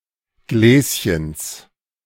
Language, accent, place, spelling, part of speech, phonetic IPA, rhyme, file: German, Germany, Berlin, Gläschens, noun, [ˈɡlɛːsçəns], -ɛːsçəns, De-Gläschens.ogg
- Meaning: genitive of Gläschen